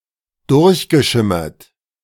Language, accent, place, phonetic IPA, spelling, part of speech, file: German, Germany, Berlin, [ˈdʊʁçɡəˌʃɪmɐt], durchgeschimmert, verb, De-durchgeschimmert.ogg
- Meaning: past participle of durchschimmern